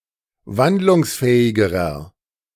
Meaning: inflection of wandlungsfähig: 1. strong/mixed nominative masculine singular comparative degree 2. strong genitive/dative feminine singular comparative degree
- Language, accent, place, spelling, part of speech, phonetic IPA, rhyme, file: German, Germany, Berlin, wandlungsfähigerer, adjective, [ˈvandlʊŋsˌfɛːɪɡəʁɐ], -andlʊŋsfɛːɪɡəʁɐ, De-wandlungsfähigerer.ogg